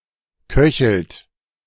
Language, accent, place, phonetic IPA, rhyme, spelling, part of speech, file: German, Germany, Berlin, [ˈkœçl̩t], -œçl̩t, köchelt, verb, De-köchelt.ogg
- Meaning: inflection of köcheln: 1. second-person plural present 2. third-person singular present 3. plural imperative